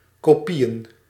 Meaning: plural of kopie
- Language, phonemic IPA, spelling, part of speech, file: Dutch, /koˈpijə(n)/, kopieën, noun, Nl-kopieën.ogg